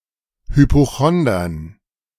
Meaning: dative plural of Hypochonder
- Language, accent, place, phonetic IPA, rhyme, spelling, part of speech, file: German, Germany, Berlin, [hypoˈxɔndɐn], -ɔndɐn, Hypochondern, noun, De-Hypochondern.ogg